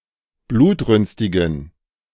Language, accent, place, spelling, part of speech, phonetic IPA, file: German, Germany, Berlin, blutrünstigen, adjective, [ˈbluːtˌʁʏnstɪɡn̩], De-blutrünstigen.ogg
- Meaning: inflection of blutrünstig: 1. strong genitive masculine/neuter singular 2. weak/mixed genitive/dative all-gender singular 3. strong/weak/mixed accusative masculine singular 4. strong dative plural